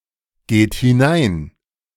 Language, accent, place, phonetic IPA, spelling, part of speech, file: German, Germany, Berlin, [ˌɡeːt hɪˈnaɪ̯n], geht hinein, verb, De-geht hinein.ogg
- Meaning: inflection of hineingehen: 1. third-person singular present 2. second-person plural present 3. plural imperative